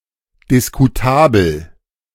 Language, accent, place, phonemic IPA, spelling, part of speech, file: German, Germany, Berlin, /dɪskuˈtaːbəl/, diskutabel, adjective, De-diskutabel.ogg
- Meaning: debatable (not definite; open for debate or discussion)